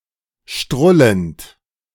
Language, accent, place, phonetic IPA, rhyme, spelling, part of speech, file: German, Germany, Berlin, [ˈʃtʁʊlənt], -ʊlənt, strullend, verb, De-strullend.ogg
- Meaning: present participle of strullen